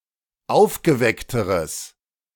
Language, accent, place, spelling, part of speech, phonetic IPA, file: German, Germany, Berlin, aufgeweckteres, adjective, [ˈaʊ̯fɡəˌvɛktəʁəs], De-aufgeweckteres.ogg
- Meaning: strong/mixed nominative/accusative neuter singular comparative degree of aufgeweckt